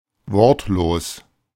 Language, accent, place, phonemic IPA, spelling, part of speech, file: German, Germany, Berlin, /ˈvɔʁtloːs/, wortlos, adjective, De-wortlos.ogg
- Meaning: 1. silent 2. taciturn